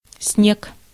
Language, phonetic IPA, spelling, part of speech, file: Russian, [snʲek], снег, noun, Ru-снег.ogg
- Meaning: 1. snow 2. snow, the white electrical noise on a TV set when there is no TV signal 3. cocaine